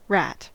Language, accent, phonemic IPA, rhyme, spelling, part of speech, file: English, US, /ɹæt/, -æt, rat, noun / verb, En-us-rat.ogg
- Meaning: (noun) Any of the numerous members of several rodent families that usually have short limbs, a pointy snout, a long, hairless tail, and a body length greater than about 12 cm, or 5 inches